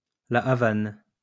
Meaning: Havana (the capital city of Cuba)
- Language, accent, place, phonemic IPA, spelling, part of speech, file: French, France, Lyon, /la a.van/, La Havane, proper noun, LL-Q150 (fra)-La Havane.wav